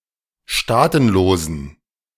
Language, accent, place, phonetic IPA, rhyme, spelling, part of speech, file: German, Germany, Berlin, [ˈʃtaːtn̩loːzn̩], -aːtn̩loːzn̩, staatenlosen, adjective, De-staatenlosen.ogg
- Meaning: inflection of staatenlos: 1. strong genitive masculine/neuter singular 2. weak/mixed genitive/dative all-gender singular 3. strong/weak/mixed accusative masculine singular 4. strong dative plural